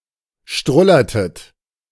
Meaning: inflection of strullern: 1. second-person plural preterite 2. second-person plural subjunctive II
- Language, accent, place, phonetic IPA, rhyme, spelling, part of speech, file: German, Germany, Berlin, [ˈʃtʁʊlɐtət], -ʊlɐtət, strullertet, verb, De-strullertet.ogg